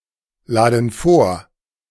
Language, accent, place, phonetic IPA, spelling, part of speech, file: German, Germany, Berlin, [ˌlaːdn̩ ˈfoːɐ̯], laden vor, verb, De-laden vor.ogg
- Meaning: inflection of vorladen: 1. first/third-person plural present 2. first/third-person plural subjunctive I